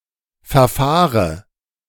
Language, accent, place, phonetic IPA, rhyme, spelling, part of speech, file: German, Germany, Berlin, [fɛɐ̯ˈfaːʁə], -aːʁə, verfahre, verb, De-verfahre.ogg
- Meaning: inflection of verfahren: 1. first-person singular present 2. first/third-person singular subjunctive I 3. singular imperative